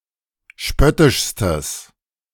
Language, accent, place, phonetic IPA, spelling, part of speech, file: German, Germany, Berlin, [ˈʃpœtɪʃstəs], spöttischstes, adjective, De-spöttischstes.ogg
- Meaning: strong/mixed nominative/accusative neuter singular superlative degree of spöttisch